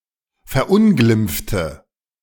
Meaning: inflection of verunglimpfen: 1. first/third-person singular preterite 2. first/third-person singular subjunctive II
- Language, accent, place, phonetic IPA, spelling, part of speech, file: German, Germany, Berlin, [fɛɐ̯ˈʔʊnɡlɪmp͡ftə], verunglimpfte, adjective / verb, De-verunglimpfte.ogg